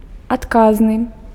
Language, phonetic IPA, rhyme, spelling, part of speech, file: Belarusian, [atˈkaznɨ], -aznɨ, адказны, adjective, Be-адказны.ogg
- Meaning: answerable, responsible